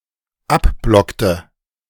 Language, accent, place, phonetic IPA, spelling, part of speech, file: German, Germany, Berlin, [ˈapˌblɔktə], abblockte, verb, De-abblockte.ogg
- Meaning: inflection of abblocken: 1. first/third-person singular dependent preterite 2. first/third-person singular dependent subjunctive II